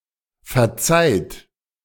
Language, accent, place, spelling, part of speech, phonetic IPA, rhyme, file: German, Germany, Berlin, verzeiht, verb, [fɛɐ̯ˈt͡saɪ̯t], -aɪ̯t, De-verzeiht.ogg
- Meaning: second-person plural present of verzeihen